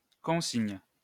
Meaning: 1. orders, instructions 2. bottle deposit 3. baggage locker, luggage locker (in an airport, railway station, etc.)
- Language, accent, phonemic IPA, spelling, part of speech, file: French, France, /kɔ̃.siɲ/, consigne, noun, LL-Q150 (fra)-consigne.wav